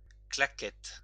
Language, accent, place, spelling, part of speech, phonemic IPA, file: French, France, Lyon, claquette, noun, /kla.kɛt/, LL-Q150 (fra)-claquette.wav
- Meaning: 1. flip-flop, thong, slide (footwear) 2. clapperboard 3. clapper (music instrument) 4. parry